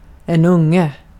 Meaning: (adjective) definite natural masculine singular of ung; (noun) 1. a young, a baby (offspring of animals) 2. a young, a baby (offspring of animals): a cub 3. a kid, a child
- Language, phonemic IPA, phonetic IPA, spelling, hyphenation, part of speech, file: Swedish, /²ˈɵŋːɛ/, [ˈɵ̌ŋːɛ], unge, ung‧e, adjective / noun, Sv-unge.ogg